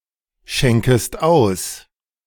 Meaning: second-person singular subjunctive I of ausschenken
- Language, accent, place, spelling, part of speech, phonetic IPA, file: German, Germany, Berlin, schenkest aus, verb, [ˌʃɛŋkəst ˈaʊ̯s], De-schenkest aus.ogg